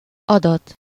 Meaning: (noun) data; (verb) causative of ad: to have someone give or to have something given
- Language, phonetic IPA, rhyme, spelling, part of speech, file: Hungarian, [ˈɒdɒt], -ɒt, adat, noun / verb, Hu-adat.ogg